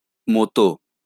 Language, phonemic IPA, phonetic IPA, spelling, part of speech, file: Bengali, /mɔt̪o/, [ˈmɔt̪oˑ], মতো, postposition, LL-Q9610 (ben)-মতো.wav
- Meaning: alternative spelling of মত (moto, “like, similar to, resembling”)